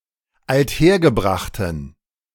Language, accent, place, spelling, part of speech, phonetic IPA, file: German, Germany, Berlin, althergebrachten, adjective, [altˈheːɐ̯ɡəˌbʁaxtn̩], De-althergebrachten.ogg
- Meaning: inflection of althergebracht: 1. strong genitive masculine/neuter singular 2. weak/mixed genitive/dative all-gender singular 3. strong/weak/mixed accusative masculine singular 4. strong dative plural